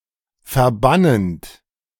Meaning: present participle of verbannen
- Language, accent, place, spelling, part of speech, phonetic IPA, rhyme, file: German, Germany, Berlin, verbannend, verb, [fɛɐ̯ˈbanənt], -anənt, De-verbannend.ogg